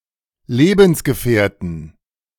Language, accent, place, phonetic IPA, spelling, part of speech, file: German, Germany, Berlin, [ˈleːbənsɡəfɛːɐ̯tən], Lebensgefährten, noun, De-Lebensgefährten.ogg
- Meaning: 1. genitive dative accusative singular of Lebensgefährte 2. nominative genitive dative accusative plural of Lebensgefährte